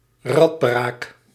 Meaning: The eighteenth letter of the Dutch alphabet, written in the Latin script; preceded by Q and followed by S
- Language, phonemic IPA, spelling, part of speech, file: Dutch, /ɛr/, R, character, Nl-R.ogg